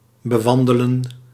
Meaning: to walk on (a route or surface)
- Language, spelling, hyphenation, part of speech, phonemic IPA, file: Dutch, bewandelen, be‧wan‧de‧len, verb, /bəˈʋɑn.də.lə(n)/, Nl-bewandelen.ogg